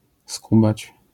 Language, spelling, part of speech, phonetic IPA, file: Polish, skubać, verb, [ˈskubat͡ɕ], LL-Q809 (pol)-skubać.wav